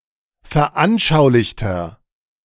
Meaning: inflection of veranschaulicht: 1. strong/mixed nominative masculine singular 2. strong genitive/dative feminine singular 3. strong genitive plural
- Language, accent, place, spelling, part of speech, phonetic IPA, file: German, Germany, Berlin, veranschaulichter, adjective, [fɛɐ̯ˈʔanʃaʊ̯lɪçtɐ], De-veranschaulichter.ogg